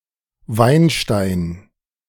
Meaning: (noun) 1. crystals of tartrate (as found e.g. at the bottom of wine bottles), wine stone 2. cream of tartar; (proper noun) a metonymic surname originating as an occupation (vintner, winemaker)
- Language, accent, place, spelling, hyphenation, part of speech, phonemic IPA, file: German, Germany, Berlin, Weinstein, Wein‧stein, noun / proper noun, /ˈvaɪ̯nˌʃtaɪ̯n/, De-Weinstein.ogg